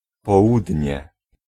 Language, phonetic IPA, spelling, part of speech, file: Polish, [pɔˈwudʲɲɛ], południe, noun, Pl-południe.ogg